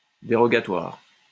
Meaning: dispensatory
- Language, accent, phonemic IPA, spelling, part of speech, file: French, France, /de.ʁɔ.ɡa.twaʁ/, dérogatoire, adjective, LL-Q150 (fra)-dérogatoire.wav